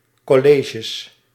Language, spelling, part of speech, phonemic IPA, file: Dutch, colleges, noun, /ˈkɔlɪtʃəs/, Nl-colleges.ogg
- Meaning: plural of college